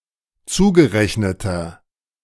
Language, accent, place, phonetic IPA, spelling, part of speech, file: German, Germany, Berlin, [ˈt͡suːɡəˌʁɛçnətɐ], zugerechneter, adjective, De-zugerechneter.ogg
- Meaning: inflection of zugerechnet: 1. strong/mixed nominative masculine singular 2. strong genitive/dative feminine singular 3. strong genitive plural